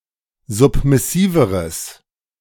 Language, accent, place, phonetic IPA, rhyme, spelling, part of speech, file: German, Germany, Berlin, [ˌzʊpmɪˈsiːvəʁəs], -iːvəʁəs, submissiveres, adjective, De-submissiveres.ogg
- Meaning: strong/mixed nominative/accusative neuter singular comparative degree of submissiv